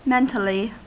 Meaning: In a mental manner; an idea thought out in one's mind, as opposed to an idea spoken orally
- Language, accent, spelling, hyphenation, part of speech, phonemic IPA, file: English, US, mentally, men‧tal‧ly, adverb, /ˈmɛntəli/, En-us-mentally.ogg